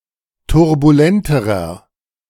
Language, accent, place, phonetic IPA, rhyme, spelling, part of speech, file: German, Germany, Berlin, [tʊʁbuˈlɛntəʁɐ], -ɛntəʁɐ, turbulenterer, adjective, De-turbulenterer.ogg
- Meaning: inflection of turbulent: 1. strong/mixed nominative masculine singular comparative degree 2. strong genitive/dative feminine singular comparative degree 3. strong genitive plural comparative degree